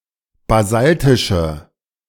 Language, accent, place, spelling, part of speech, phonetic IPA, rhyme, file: German, Germany, Berlin, basaltische, adjective, [baˈzaltɪʃə], -altɪʃə, De-basaltische.ogg
- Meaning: inflection of basaltisch: 1. strong/mixed nominative/accusative feminine singular 2. strong nominative/accusative plural 3. weak nominative all-gender singular